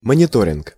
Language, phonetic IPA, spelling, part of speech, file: Russian, [mənʲɪˈtorʲɪnk], мониторинг, noun, Ru-мониторинг.ogg
- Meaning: monitoring